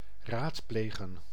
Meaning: to consult
- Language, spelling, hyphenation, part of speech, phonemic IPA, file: Dutch, raadplegen, raad‧ple‧gen, verb, /ˈraːtˌpleː.ɣə(n)/, Nl-raadplegen.ogg